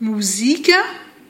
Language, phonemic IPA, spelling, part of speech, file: Malagasy, /muzikʲḁ/, mozika, noun, Mg-mozika.ogg
- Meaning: 1. orchestra 2. brass band 3. music